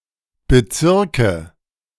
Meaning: nominative/accusative/genitive plural of Bezirk
- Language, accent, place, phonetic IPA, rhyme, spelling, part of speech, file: German, Germany, Berlin, [bəˈt͡sɪʁkə], -ɪʁkə, Bezirke, noun, De-Bezirke.ogg